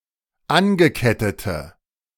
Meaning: inflection of angekettet: 1. strong/mixed nominative/accusative feminine singular 2. strong nominative/accusative plural 3. weak nominative all-gender singular
- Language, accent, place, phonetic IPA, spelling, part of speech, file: German, Germany, Berlin, [ˈanɡəˌkɛtətə], angekettete, adjective, De-angekettete.ogg